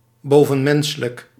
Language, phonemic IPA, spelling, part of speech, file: Dutch, /ˌboː.və(n)ˈmɛn.sə.lək/, bovenmenselijk, adjective, Nl-bovenmenselijk.ogg
- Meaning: superhuman